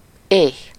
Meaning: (adjective) hungry; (noun) hunger
- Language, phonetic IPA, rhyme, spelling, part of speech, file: Hungarian, [ˈeːx], -eːx, éh, adjective / noun, Hu-éh.ogg